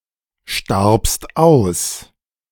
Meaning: second-person singular preterite of aussterben
- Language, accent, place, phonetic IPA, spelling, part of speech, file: German, Germany, Berlin, [ˌʃtaʁpst ˈaʊ̯s], starbst aus, verb, De-starbst aus.ogg